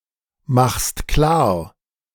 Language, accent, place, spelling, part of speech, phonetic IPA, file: German, Germany, Berlin, machst klar, verb, [ˌmaxst ˈklaːɐ̯], De-machst klar.ogg
- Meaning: second-person singular present of klarmachen